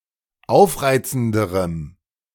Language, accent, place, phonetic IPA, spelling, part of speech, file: German, Germany, Berlin, [ˈaʊ̯fˌʁaɪ̯t͡sn̩dəʁəm], aufreizenderem, adjective, De-aufreizenderem.ogg
- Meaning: strong dative masculine/neuter singular comparative degree of aufreizend